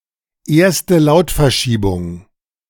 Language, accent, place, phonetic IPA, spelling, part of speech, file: German, Germany, Berlin, [ˈeːɐ̯stə ˈlaʊ̯tfɛɐ̯ˌʃiːbʊŋ], erste Lautverschiebung, phrase, De-erste Lautverschiebung.ogg
- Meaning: Grimm's law